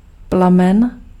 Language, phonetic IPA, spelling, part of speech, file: Czech, [ˈplamɛn], plamen, noun, Cs-plamen.ogg
- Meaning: flame (part of fire)